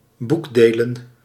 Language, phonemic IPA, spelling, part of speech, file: Dutch, /ˈbuɡdelə(n)/, boekdelen, noun, Nl-boekdelen.ogg
- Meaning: plural of boekdeel